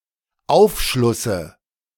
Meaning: dative singular of Aufschluss
- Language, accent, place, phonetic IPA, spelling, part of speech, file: German, Germany, Berlin, [ˈaʊ̯fˌʃlʊsə], Aufschlusse, noun, De-Aufschlusse.ogg